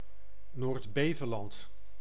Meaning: a former island and municipality of Zeeland, Netherlands
- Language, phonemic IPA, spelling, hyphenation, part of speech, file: Dutch, /ˌnoːrtˈbeː.və.lɑnt/, Noord-Beveland, Noord-‧Be‧ve‧land, proper noun, Nl-Noord-Beveland.ogg